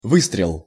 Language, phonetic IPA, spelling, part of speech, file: Russian, [ˈvɨstrʲɪɫ], выстрел, noun, Ru-выстрел.ogg
- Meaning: shot, gunshot (launching or firing of a projectile; the sound of the firing; the distance that a projectile would fly) (verbal noun of вы́стрелить (výstrelitʹ) (nomen resultatis))